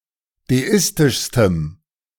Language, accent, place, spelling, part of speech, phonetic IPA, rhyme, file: German, Germany, Berlin, deistischstem, adjective, [deˈɪstɪʃstəm], -ɪstɪʃstəm, De-deistischstem.ogg
- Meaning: strong dative masculine/neuter singular superlative degree of deistisch